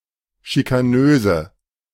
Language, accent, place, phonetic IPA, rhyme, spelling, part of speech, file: German, Germany, Berlin, [ʃikaˈnøːzə], -øːzə, schikanöse, adjective, De-schikanöse.ogg
- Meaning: inflection of schikanös: 1. strong/mixed nominative/accusative feminine singular 2. strong nominative/accusative plural 3. weak nominative all-gender singular